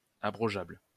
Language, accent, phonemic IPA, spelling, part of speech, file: French, France, /a.bʁɔ.ʒabl/, abrogeable, adjective, LL-Q150 (fra)-abrogeable.wav
- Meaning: repealable; rescindable